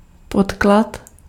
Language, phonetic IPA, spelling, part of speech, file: Czech, [ˈpotklat], podklad, noun, Cs-podklad.ogg
- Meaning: foundation, base